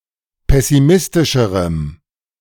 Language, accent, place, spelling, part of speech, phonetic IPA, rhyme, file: German, Germany, Berlin, pessimistischerem, adjective, [ˌpɛsiˈmɪstɪʃəʁəm], -ɪstɪʃəʁəm, De-pessimistischerem.ogg
- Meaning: strong dative masculine/neuter singular comparative degree of pessimistisch